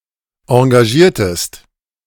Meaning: inflection of engagieren: 1. second-person singular preterite 2. second-person singular subjunctive II
- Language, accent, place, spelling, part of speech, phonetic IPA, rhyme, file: German, Germany, Berlin, engagiertest, verb, [ɑ̃ɡaˈʒiːɐ̯təst], -iːɐ̯təst, De-engagiertest.ogg